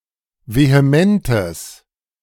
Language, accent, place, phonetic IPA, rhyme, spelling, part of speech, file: German, Germany, Berlin, [veheˈmɛntəs], -ɛntəs, vehementes, adjective, De-vehementes.ogg
- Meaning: strong/mixed nominative/accusative neuter singular of vehement